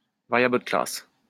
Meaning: class variable
- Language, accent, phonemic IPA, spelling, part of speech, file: French, France, /va.ʁja.blə də klas/, variable de classe, noun, LL-Q150 (fra)-variable de classe.wav